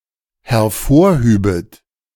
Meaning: second-person plural dependent subjunctive II of hervorheben
- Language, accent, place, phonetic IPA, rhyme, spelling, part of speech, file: German, Germany, Berlin, [hɛɐ̯ˈfoːɐ̯ˌhyːbət], -oːɐ̯hyːbət, hervorhübet, verb, De-hervorhübet.ogg